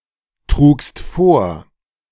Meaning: second-person singular preterite of vortragen
- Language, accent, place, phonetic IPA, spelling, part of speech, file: German, Germany, Berlin, [ˌtʁuːkst ˈfoːɐ̯], trugst vor, verb, De-trugst vor.ogg